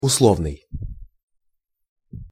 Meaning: 1. conditional (depending upon a condition) 2. conventional (by convention) 3. prearranged (secretly agreed upon beforehand) 4. make-believe (pretend, imaginary, symbolic, notional, nominal)
- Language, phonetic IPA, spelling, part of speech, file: Russian, [ʊsˈɫovnɨj], условный, adjective, Ru-условный.ogg